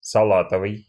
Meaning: 1. lime green 2. salad 3. lettuce
- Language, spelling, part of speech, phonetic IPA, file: Russian, салатовый, adjective, [sɐˈɫatəvɨj], Ru-салатовый.ogg